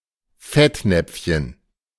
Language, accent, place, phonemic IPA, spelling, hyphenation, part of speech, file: German, Germany, Berlin, /ˈfɛtˌnɛpf.çən/, Fettnäpfchen, Fett‧näpf‧chen, noun, De-Fettnäpfchen.ogg
- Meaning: 1. diminutive of Fettnapf: a small dubbin-containing bowl 2. a situation or topic where one may easily make a faux pas 3. the faux pas itself